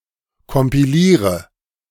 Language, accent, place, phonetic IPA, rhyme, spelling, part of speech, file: German, Germany, Berlin, [kɔmpiˈliːʁə], -iːʁə, kompiliere, verb, De-kompiliere.ogg
- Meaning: inflection of kompilieren: 1. first-person singular present 2. first/third-person singular subjunctive I 3. singular imperative